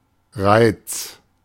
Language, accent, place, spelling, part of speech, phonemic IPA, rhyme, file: German, Germany, Berlin, Reiz, noun, /ʁaɪ̯t͡s/, -aɪ̯t͡s, De-Reiz.ogg
- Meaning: 1. stimulus 2. charm, appeal